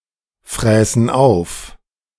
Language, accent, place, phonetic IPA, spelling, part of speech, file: German, Germany, Berlin, [ˌfʁɛːsn̩ aʊ̯f], fräßen auf, verb, De-fräßen auf.ogg
- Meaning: first-person plural subjunctive II of auffressen